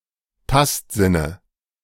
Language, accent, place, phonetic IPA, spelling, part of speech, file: German, Germany, Berlin, [ˈtastˌzɪnə], Tastsinne, noun, De-Tastsinne.ogg
- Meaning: dative singular of Tastsinn